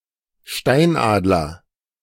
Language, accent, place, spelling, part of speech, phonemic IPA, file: German, Germany, Berlin, Steinadler, noun, /ˈʃtaɪ̯nʔaːdlɐ/, De-Steinadler.ogg
- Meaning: golden eagle (large bird of prey)